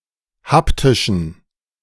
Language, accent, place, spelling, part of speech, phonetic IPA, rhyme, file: German, Germany, Berlin, haptischen, adjective, [ˈhaptɪʃn̩], -aptɪʃn̩, De-haptischen.ogg
- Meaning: inflection of haptisch: 1. strong genitive masculine/neuter singular 2. weak/mixed genitive/dative all-gender singular 3. strong/weak/mixed accusative masculine singular 4. strong dative plural